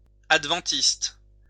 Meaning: Adventist
- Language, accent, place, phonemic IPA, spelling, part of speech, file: French, France, Lyon, /ad.vɑ̃.tist/, adventiste, noun, LL-Q150 (fra)-adventiste.wav